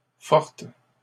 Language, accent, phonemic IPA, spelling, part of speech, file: French, Canada, /fɔʁt/, fortes, adjective, LL-Q150 (fra)-fortes.wav
- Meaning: feminine plural of fort